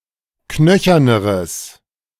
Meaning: strong/mixed nominative/accusative neuter singular comparative degree of knöchern
- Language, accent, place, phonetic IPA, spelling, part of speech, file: German, Germany, Berlin, [ˈknœçɐnəʁəs], knöcherneres, adjective, De-knöcherneres.ogg